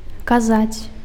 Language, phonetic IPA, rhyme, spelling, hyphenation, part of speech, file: Belarusian, [kaˈzat͡sʲ], -at͡sʲ, казаць, ка‧заць, verb, Be-казаць.ogg
- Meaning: 1. to say (to express some thoughts, opinions orally) 2. to say (used to indicate a rumor or well-known fact) 3. to oblige, order 4. to indicate, say